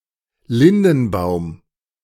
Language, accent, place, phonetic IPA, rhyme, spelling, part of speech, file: German, Germany, Berlin, [ˈlɪndn̩ˌbaʊ̯m], -ɪndn̩baʊ̯m, Lindenbaum, noun, De-Lindenbaum.ogg
- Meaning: lime, linden tree